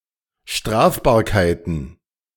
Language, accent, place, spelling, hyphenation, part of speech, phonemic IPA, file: German, Germany, Berlin, Strafbarkeiten, Straf‧bar‧kei‧ten, noun, /ˈʃtʁaːfbaːɐ̯kaɪ̯tn̩/, De-Strafbarkeiten.ogg
- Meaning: plural of Strafbarkeit